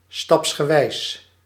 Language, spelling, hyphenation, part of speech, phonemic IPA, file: Dutch, stapsgewijs, staps‧ge‧wijs, adverb / adjective, /ˌstɑps.xəˈʋɛi̯s/, Nl-stapsgewijs.ogg
- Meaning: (adverb) stepwise, step by step; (adjective) stepwise, step-by-step